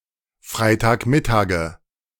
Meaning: nominative/accusative/genitive plural of Freitagmittag
- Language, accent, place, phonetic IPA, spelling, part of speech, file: German, Germany, Berlin, [ˈfʁaɪ̯taːkˌmɪtaːɡə], Freitagmittage, noun, De-Freitagmittage.ogg